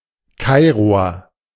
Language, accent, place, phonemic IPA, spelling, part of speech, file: German, Germany, Berlin, /ˈkaɪ̯ʁoɐ/, Kairoer, noun, De-Kairoer.ogg
- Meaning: a Cairene (native or inhabitant of Cairo, Egypt)